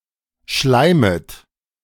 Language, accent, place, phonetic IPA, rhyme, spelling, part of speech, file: German, Germany, Berlin, [ˈʃlaɪ̯mət], -aɪ̯mət, schleimet, verb, De-schleimet.ogg
- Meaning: second-person plural subjunctive I of schleimen